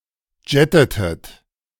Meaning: inflection of jetten: 1. second-person plural preterite 2. second-person plural subjunctive II
- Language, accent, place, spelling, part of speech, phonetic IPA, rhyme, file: German, Germany, Berlin, jettetet, verb, [ˈd͡ʒɛtətət], -ɛtətət, De-jettetet.ogg